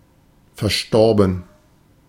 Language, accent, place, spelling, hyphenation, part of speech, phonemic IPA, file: German, Germany, Berlin, verstorben, ver‧stor‧ben, verb / adjective, /fɛʁˈʃtɔʁbn̩/, De-verstorben.ogg
- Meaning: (verb) past participle of versterben; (adjective) deceased, late